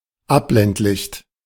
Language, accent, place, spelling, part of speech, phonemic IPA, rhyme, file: German, Germany, Berlin, Abblendlicht, noun, /ˈapblɛntlɪçt/, -ɪçt, De-Abblendlicht.ogg
- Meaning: anti-dazzle light, low-beam, dimmed light